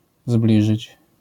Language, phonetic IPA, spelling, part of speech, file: Polish, [ˈzblʲiʒɨt͡ɕ], zbliżyć, verb, LL-Q809 (pol)-zbliżyć.wav